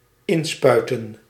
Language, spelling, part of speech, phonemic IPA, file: Dutch, inspuiten, verb, /ˈɪnspœytə(n)/, Nl-inspuiten.ogg
- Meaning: to inject